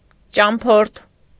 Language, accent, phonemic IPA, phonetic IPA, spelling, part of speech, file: Armenian, Eastern Armenian, /t͡ʃɑmˈpʰoɾtʰ/, [t͡ʃɑmpʰóɾtʰ], ճամփորդ, noun, Hy-ճամփորդ.ogg
- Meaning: traveller, wayfarer